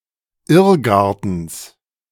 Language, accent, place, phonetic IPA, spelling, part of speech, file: German, Germany, Berlin, [ˈɪʁˌɡaʁtn̩s], Irrgartens, noun, De-Irrgartens.ogg
- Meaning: genitive singular of Irrgarten